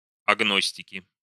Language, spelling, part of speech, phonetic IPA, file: Russian, агностики, noun, [ɐɡˈnosʲtʲɪkʲɪ], Ru-агностики.ogg
- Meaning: nominative plural of агно́стик (agnóstik)